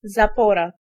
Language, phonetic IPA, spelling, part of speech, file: Polish, [zaˈpɔra], zapora, noun, Pl-zapora.ogg